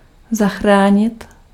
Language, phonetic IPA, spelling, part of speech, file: Czech, [ˈzaxraːɲɪt], zachránit, verb, Cs-zachránit.ogg
- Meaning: to save (to help to survive)